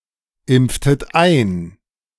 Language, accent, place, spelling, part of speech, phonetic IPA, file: German, Germany, Berlin, impftet ein, verb, [ˌɪmp͡ftət ˈaɪ̯n], De-impftet ein.ogg
- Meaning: inflection of einimpfen: 1. second-person plural preterite 2. second-person plural subjunctive II